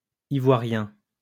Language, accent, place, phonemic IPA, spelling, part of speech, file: French, France, Lyon, /i.vwa.ʁjɛ̃/, ivoirien, adjective, LL-Q150 (fra)-ivoirien.wav
- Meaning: Ivorian (of, from or relating to Ivory Coast)